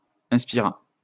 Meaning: third-person singular past historic of inspirer
- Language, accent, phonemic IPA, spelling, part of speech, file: French, France, /ɛ̃s.pi.ʁa/, inspira, verb, LL-Q150 (fra)-inspira.wav